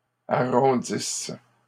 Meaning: second-person singular present/imperfect subjunctive of arrondir
- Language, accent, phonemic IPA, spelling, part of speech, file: French, Canada, /a.ʁɔ̃.dis/, arrondisses, verb, LL-Q150 (fra)-arrondisses.wav